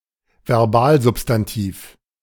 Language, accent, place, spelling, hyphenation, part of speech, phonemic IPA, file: German, Germany, Berlin, Verbalsubstantiv, Ver‧bal‧sub‧stan‧tiv, noun, /vɛʁˈbaːlˌzʊpstantiːf/, De-Verbalsubstantiv.ogg
- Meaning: verbal noun